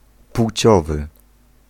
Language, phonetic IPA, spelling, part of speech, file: Polish, [ˈpw̥t͡ɕɔvɨ], płciowy, adjective, Pl-płciowy.ogg